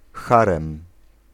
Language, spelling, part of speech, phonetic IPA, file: Polish, harem, noun, [ˈxarɛ̃m], Pl-harem.ogg